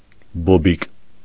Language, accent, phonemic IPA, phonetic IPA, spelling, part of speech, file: Armenian, Eastern Armenian, /boˈbik/, [bobík], բոբիկ, adjective, Hy-բոբիկ.ogg
- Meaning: barefooted